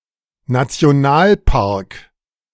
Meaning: national park
- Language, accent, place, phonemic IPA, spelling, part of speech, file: German, Germany, Berlin, /nat͡si̯oˈnaːlpark/, Nationalpark, noun, De-Nationalpark.ogg